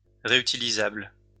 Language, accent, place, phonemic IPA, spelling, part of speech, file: French, France, Lyon, /ʁe.y.ti.li.zabl/, réutilisable, adjective, LL-Q150 (fra)-réutilisable.wav
- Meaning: reusable (that can be used more than once)